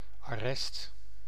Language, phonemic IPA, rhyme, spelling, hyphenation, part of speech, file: Dutch, /ɑˈrɛst/, -ɛst, arrest, ar‧rest, noun, Nl-arrest.ogg
- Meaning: 1. sentence passed by a higher court 2. confiscation ordered by a legal ruling 3. detention, confinement, especially after being arrested